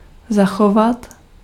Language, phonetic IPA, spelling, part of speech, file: Czech, [ˈzaxovat], zachovat, verb, Cs-zachovat.ogg
- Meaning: 1. to preserve or conserve 2. to behave